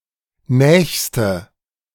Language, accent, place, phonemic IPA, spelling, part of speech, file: German, Germany, Berlin, /ˈnɛːçstə/, nächste, adjective, De-nächste.ogg
- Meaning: inflection of nah: 1. strong/mixed nominative/accusative feminine singular superlative degree 2. strong nominative/accusative plural superlative degree